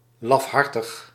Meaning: cowardly, frightened, craven
- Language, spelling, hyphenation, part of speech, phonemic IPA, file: Dutch, lafhartig, laf‧har‧tig, adjective, /ˌlɑfˈɦɑr.təx/, Nl-lafhartig.ogg